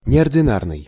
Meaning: extraordinary, unusual
- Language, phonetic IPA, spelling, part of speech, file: Russian, [nʲɪərdʲɪˈnarnɨj], неординарный, adjective, Ru-неординарный.ogg